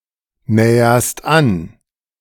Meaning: second-person singular present of annähern
- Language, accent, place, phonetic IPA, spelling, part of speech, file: German, Germany, Berlin, [ˌnɛːɐst ˈan], näherst an, verb, De-näherst an.ogg